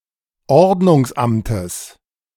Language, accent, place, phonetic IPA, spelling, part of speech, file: German, Germany, Berlin, [ˈɔʁdnʊŋsˌʔamtəs], Ordnungsamtes, noun, De-Ordnungsamtes.ogg
- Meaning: genitive singular of Ordnungsamt